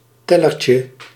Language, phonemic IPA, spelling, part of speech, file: Dutch, /ˈtɛlərcə/, tellertje, noun, Nl-tellertje.ogg
- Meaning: diminutive of teller